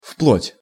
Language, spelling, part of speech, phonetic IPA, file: Russian, вплоть, preposition, [fpɫotʲ], Ru-вплоть.ogg
- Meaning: up to, right up to, down to